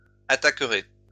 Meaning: second-person plural future of attaquer
- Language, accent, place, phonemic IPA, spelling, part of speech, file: French, France, Lyon, /a.ta.kʁe/, attaquerez, verb, LL-Q150 (fra)-attaquerez.wav